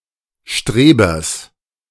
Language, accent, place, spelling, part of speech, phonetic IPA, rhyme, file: German, Germany, Berlin, Strebers, noun, [ˈʃtʁeːbɐs], -eːbɐs, De-Strebers.ogg
- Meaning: genitive of Streber